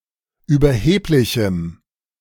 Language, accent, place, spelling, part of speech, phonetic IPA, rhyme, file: German, Germany, Berlin, überheblichem, adjective, [yːbɐˈheːplɪçm̩], -eːplɪçm̩, De-überheblichem.ogg
- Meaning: strong dative masculine/neuter singular of überheblich